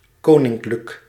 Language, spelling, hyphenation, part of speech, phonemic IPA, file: Dutch, koninklijk, ko‧nink‧lijk, adjective / adverb, /ˈkoː.nɪŋ.klək/, Nl-koninklijk.ogg
- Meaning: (adjective) royal; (adverb) royally (in the manner of royalty)